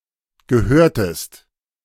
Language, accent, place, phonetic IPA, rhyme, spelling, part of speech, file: German, Germany, Berlin, [ɡəˈhøːɐ̯təst], -øːɐ̯təst, gehörtest, verb, De-gehörtest.ogg
- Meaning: inflection of gehören: 1. second-person singular preterite 2. second-person singular subjunctive II